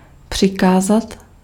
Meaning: to command, to order
- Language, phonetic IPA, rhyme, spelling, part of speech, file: Czech, [ˈpr̝̊ɪkaːzat], -aːzat, přikázat, verb, Cs-přikázat.ogg